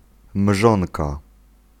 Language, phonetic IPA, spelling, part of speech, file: Polish, [ˈmʒɔ̃nka], mrzonka, noun, Pl-mrzonka.ogg